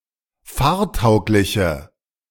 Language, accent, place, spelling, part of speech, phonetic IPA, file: German, Germany, Berlin, fahrtaugliche, adjective, [ˈfaːɐ̯ˌtaʊ̯klɪçə], De-fahrtaugliche.ogg
- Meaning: inflection of fahrtauglich: 1. strong/mixed nominative/accusative feminine singular 2. strong nominative/accusative plural 3. weak nominative all-gender singular